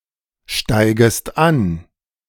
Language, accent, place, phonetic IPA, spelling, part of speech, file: German, Germany, Berlin, [ˌʃtaɪ̯ɡəst ˈan], steigest an, verb, De-steigest an.ogg
- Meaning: second-person singular subjunctive I of ansteigen